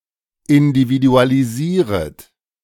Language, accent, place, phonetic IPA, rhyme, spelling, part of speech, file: German, Germany, Berlin, [ɪndividualiˈziːʁət], -iːʁət, individualisieret, verb, De-individualisieret.ogg
- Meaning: second-person plural subjunctive I of individualisieren